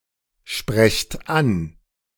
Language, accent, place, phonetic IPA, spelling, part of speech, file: German, Germany, Berlin, [ˌʃpʁɛçt ˈan], sprecht an, verb, De-sprecht an.ogg
- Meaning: inflection of ansprechen: 1. second-person plural present 2. plural imperative